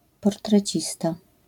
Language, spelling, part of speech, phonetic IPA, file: Polish, portrecista, noun, [ˌpɔrtrɛˈt͡ɕista], LL-Q809 (pol)-portrecista.wav